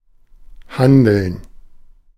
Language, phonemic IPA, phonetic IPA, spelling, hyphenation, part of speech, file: German, /ˈhandəln/, [ˈhandl̩n], handeln, han‧deln, verb, De-handeln.ogg
- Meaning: 1. to act; to take action 2. to negotiate; to bargain; to haggle 3. to trade in; to deal; to sell 4. to trade 5. to tip as; to take into consideration as being